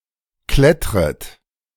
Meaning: second-person plural subjunctive I of klettern
- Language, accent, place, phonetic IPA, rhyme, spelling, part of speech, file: German, Germany, Berlin, [ˈklɛtʁət], -ɛtʁət, klettret, verb, De-klettret.ogg